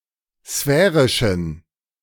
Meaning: inflection of sphärisch: 1. strong genitive masculine/neuter singular 2. weak/mixed genitive/dative all-gender singular 3. strong/weak/mixed accusative masculine singular 4. strong dative plural
- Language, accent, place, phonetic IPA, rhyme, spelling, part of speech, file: German, Germany, Berlin, [ˈsfɛːʁɪʃn̩], -ɛːʁɪʃn̩, sphärischen, adjective, De-sphärischen.ogg